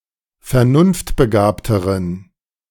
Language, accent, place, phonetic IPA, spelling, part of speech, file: German, Germany, Berlin, [fɛɐ̯ˈnʊnftbəˌɡaːptəʁən], vernunftbegabteren, adjective, De-vernunftbegabteren.ogg
- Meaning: inflection of vernunftbegabt: 1. strong genitive masculine/neuter singular comparative degree 2. weak/mixed genitive/dative all-gender singular comparative degree